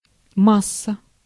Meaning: 1. mass 2. mass, paste 3. mass, bulk 4. ground (electrical)
- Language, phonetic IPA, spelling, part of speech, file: Russian, [ˈmas(ː)ə], масса, noun, Ru-масса.ogg